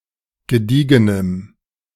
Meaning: strong dative masculine/neuter singular of gediegen
- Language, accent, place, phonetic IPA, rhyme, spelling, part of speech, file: German, Germany, Berlin, [ɡəˈdiːɡənəm], -iːɡənəm, gediegenem, adjective, De-gediegenem.ogg